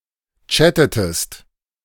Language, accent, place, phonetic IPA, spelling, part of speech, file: German, Germany, Berlin, [ˈt͡ʃætətəst], chattetest, verb, De-chattetest.ogg
- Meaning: inflection of chatten: 1. second-person singular preterite 2. second-person singular subjunctive II